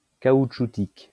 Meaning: 1. rubber 2. rubbery
- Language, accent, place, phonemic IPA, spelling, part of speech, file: French, France, Lyon, /ka.ut.ʃu.tik/, caoutchoutique, adjective, LL-Q150 (fra)-caoutchoutique.wav